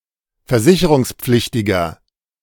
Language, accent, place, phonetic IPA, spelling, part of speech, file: German, Germany, Berlin, [fɛɐ̯ˈzɪçəʁʊŋsˌp͡flɪçtɪɡɐ], versicherungspflichtiger, adjective, De-versicherungspflichtiger.ogg
- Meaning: inflection of versicherungspflichtig: 1. strong/mixed nominative masculine singular 2. strong genitive/dative feminine singular 3. strong genitive plural